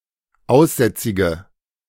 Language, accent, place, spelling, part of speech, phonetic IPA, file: German, Germany, Berlin, aussätzige, adjective, [ˈaʊ̯sˌzɛt͡sɪɡə], De-aussätzige.ogg
- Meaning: inflection of aussätzig: 1. strong/mixed nominative/accusative feminine singular 2. strong nominative/accusative plural 3. weak nominative all-gender singular